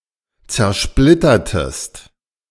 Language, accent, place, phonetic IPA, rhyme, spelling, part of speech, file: German, Germany, Berlin, [t͡sɛɐ̯ˈʃplɪtɐtəst], -ɪtɐtəst, zersplittertest, verb, De-zersplittertest.ogg
- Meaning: inflection of zersplittern: 1. second-person singular preterite 2. second-person singular subjunctive II